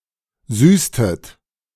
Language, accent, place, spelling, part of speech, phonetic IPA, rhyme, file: German, Germany, Berlin, süßtet, verb, [ˈzyːstət], -yːstət, De-süßtet.ogg
- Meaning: inflection of süßen: 1. second-person plural preterite 2. second-person plural subjunctive II